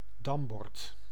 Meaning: checkerboard, draughtboard
- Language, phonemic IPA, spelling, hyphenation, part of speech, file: Dutch, /ˈdɑm.bɔrt/, dambord, dam‧bord, noun, Nl-dambord.ogg